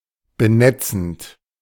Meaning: present participle of benetzen
- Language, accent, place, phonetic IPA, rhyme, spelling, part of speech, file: German, Germany, Berlin, [bəˈnɛt͡sn̩t], -ɛt͡sn̩t, benetzend, verb, De-benetzend.ogg